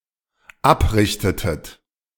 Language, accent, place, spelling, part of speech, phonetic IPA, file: German, Germany, Berlin, abrieb, verb, [ˈapˌʁiːp], De-abrieb.ogg
- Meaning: first/third-person singular dependent preterite of abreiben